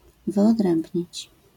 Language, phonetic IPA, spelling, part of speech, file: Polish, [ˌvɨɔˈdrɛ̃mbʲɲit͡ɕ], wyodrębnić, verb, LL-Q809 (pol)-wyodrębnić.wav